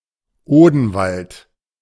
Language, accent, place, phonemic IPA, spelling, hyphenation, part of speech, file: German, Germany, Berlin, /ˈoːdn̩ˌvalt/, Odenwald, Oden‧wald, proper noun, De-Odenwald.ogg
- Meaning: a mountain range in Hesse, Bavaria and Baden-Württemberg, Germany